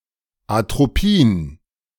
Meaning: atropine
- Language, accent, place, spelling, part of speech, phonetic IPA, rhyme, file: German, Germany, Berlin, Atropin, noun, [atʁoˈpiːn], -iːn, De-Atropin.ogg